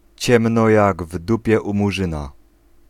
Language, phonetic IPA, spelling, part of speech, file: Polish, [ˈt͡ɕɛ̃mnɔ ˈjaɡ ˈv‿dupʲjɛ ˌu‿muˈʒɨ̃na], ciemno jak w dupie u Murzyna, adverbial phrase, Pl-ciemno jak w dupie u Murzyna.ogg